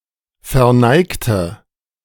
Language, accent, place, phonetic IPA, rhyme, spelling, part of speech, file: German, Germany, Berlin, [fɛɐ̯ˈnaɪ̯ktə], -aɪ̯ktə, verneigte, adjective / verb, De-verneigte.ogg
- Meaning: inflection of verneigen: 1. first/third-person singular preterite 2. first/third-person singular subjunctive II